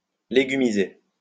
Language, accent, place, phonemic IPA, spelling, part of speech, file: French, France, Lyon, /le.ɡy.mi.ze/, légumiser, verb, LL-Q150 (fra)-légumiser.wav
- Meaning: to vegetate, laze about (do nothing)